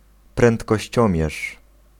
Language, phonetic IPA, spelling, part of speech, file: Polish, [ˌprɛ̃ntkɔɕˈt͡ɕɔ̃mʲjɛʃ], prędkościomierz, noun, Pl-prędkościomierz.ogg